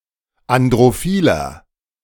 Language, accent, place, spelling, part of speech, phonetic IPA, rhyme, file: German, Germany, Berlin, androphiler, adjective, [andʁoˈfiːlɐ], -iːlɐ, De-androphiler.ogg
- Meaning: inflection of androphil: 1. strong/mixed nominative masculine singular 2. strong genitive/dative feminine singular 3. strong genitive plural